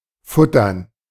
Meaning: 1. to eat a lot; to guzzle 2. alternative form of füttern (“to feed”)
- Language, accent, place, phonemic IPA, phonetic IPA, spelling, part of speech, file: German, Germany, Berlin, /ˈfʊtərn/, [ˈfʊtɐn], futtern, verb, De-futtern.ogg